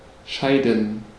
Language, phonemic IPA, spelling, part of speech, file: German, /ˈʃaɪ̯dən/, scheiden, verb, De-scheiden.ogg
- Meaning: 1. to separate 2. to leave one another; to part; to be separated; to be divided 3. to dissolve (a marriage); to divorce (a couple) 4. to have (a marriage) dissolved